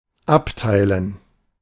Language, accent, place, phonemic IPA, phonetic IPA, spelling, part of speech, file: German, Germany, Berlin, /ˈapˌtaɪ̯lən/, [ˈapˌtʰaɪ̯ln], abteilen, verb, De-abteilen.ogg
- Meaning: 1. to divide, to split apart, to sunder, to section 2. to hyphenate